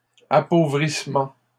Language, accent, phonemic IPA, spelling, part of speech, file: French, Canada, /a.po.vʁis.mɑ̃/, appauvrissement, noun, LL-Q150 (fra)-appauvrissement.wav
- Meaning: impoverishment